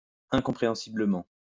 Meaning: incomprehensibly
- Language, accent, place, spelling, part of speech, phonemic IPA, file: French, France, Lyon, incompréhensiblement, adverb, /ɛ̃.kɔ̃.pʁe.ɑ̃.si.blə.mɑ̃/, LL-Q150 (fra)-incompréhensiblement.wav